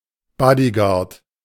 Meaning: bodyguard
- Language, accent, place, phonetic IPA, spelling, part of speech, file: German, Germany, Berlin, [ˈbɔdiˌɡaːɐ̯t], Bodyguard, noun, De-Bodyguard.ogg